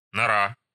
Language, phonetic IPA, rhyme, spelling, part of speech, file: Russian, [nɐˈra], -a, нора, noun, Ru-нора.ogg
- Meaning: 1. hole, burrow, form (burrowed animal dwelling) 2. foxhole, dugout 3. small, dark room; hole, diggings